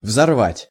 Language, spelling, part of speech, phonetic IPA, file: Russian, взорвать, verb, [vzɐrˈvatʲ], Ru-взорвать.ogg
- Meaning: 1. to blow up, to detonate 2. to enrage, to exasperate (also used impersonally)